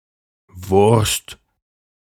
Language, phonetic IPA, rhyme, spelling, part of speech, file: German, [vʊʁst], -ʊʁst, wurst, adjective / verb, De-wurst.ogg
- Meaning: anyway, anyhow